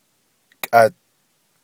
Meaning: now
- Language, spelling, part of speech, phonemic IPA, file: Navajo, kʼad, adverb, /kʼɑ̀t/, Nv-kʼad.ogg